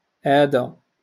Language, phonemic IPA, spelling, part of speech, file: Moroccan Arabic, /ʔaː.da/, آدى, verb, LL-Q56426 (ary)-آدى.wav
- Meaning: to harm